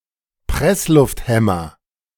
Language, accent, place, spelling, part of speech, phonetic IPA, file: German, Germany, Berlin, Presslufthämmer, noun, [ˈpʁɛslʊftˌhɛmɐ], De-Presslufthämmer.ogg
- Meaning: nominative/accusative/genitive plural of Presslufthammer